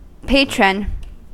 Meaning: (noun) 1. One who protects or supports; a defender or advocate 2. One who protects or supports; a defender or advocate.: A guardian or intercessor; synonym of patron saint
- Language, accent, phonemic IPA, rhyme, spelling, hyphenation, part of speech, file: English, US, /ˈpeɪ.tɹən/, -eɪtɹən, patron, pa‧tron, noun / verb, En-us-patron.ogg